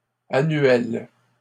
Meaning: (adjective) feminine singular of annuel; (noun) short for plante annuelle
- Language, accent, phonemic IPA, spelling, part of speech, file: French, Canada, /a.nɥɛl/, annuelle, adjective / noun, LL-Q150 (fra)-annuelle.wav